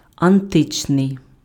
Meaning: ancient, antique, classical (relating to Greco-Roman antiquity)
- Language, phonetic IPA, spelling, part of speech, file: Ukrainian, [ɐnˈtɪt͡ʃnei̯], античний, adjective, Uk-античний.ogg